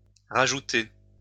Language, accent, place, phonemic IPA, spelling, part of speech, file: French, France, Lyon, /ʁa.ʒu.te/, rajouter, verb, LL-Q150 (fra)-rajouter.wav
- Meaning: 1. to re-add; to add again 2. to put back in